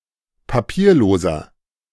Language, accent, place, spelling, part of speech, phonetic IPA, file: German, Germany, Berlin, papierloser, adjective, [paˈpiːɐ̯ˌloːzɐ], De-papierloser.ogg
- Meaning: inflection of papierlos: 1. strong/mixed nominative masculine singular 2. strong genitive/dative feminine singular 3. strong genitive plural